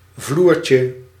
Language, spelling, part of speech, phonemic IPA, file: Dutch, vloertje, noun, /ˈvlurcə/, Nl-vloertje.ogg
- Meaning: diminutive of vloer